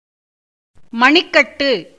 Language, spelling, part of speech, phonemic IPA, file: Tamil, மணிக்கட்டு, noun, /mɐɳɪkːɐʈːɯ/, Ta-மணிக்கட்டு.ogg
- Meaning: wrist, carpus